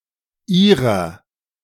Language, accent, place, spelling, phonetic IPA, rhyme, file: German, Germany, Berlin, Ihrer, [ˈiːʁɐ], -iːʁɐ, De-Ihrer.ogg
- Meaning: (pronoun) 1. yours (polite/formal; both singular and plural) 2. genitive of Sie (addressing politely or formally one or more people); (determiner) inflection of Ihr: genitive/dative feminine singular